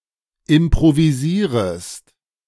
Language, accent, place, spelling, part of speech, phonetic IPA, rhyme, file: German, Germany, Berlin, improvisierest, verb, [ɪmpʁoviˈziːʁəst], -iːʁəst, De-improvisierest.ogg
- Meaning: second-person singular subjunctive I of improvisieren